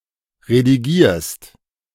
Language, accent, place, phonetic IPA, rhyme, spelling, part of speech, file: German, Germany, Berlin, [ʁediˈɡiːɐ̯st], -iːɐ̯st, redigierst, verb, De-redigierst.ogg
- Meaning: second-person singular present of redigieren